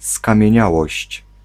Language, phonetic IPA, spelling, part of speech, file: Polish, [ˌskãmʲjɛ̇̃ˈɲawɔɕt͡ɕ], skamieniałość, noun, Pl-skamieniałość.ogg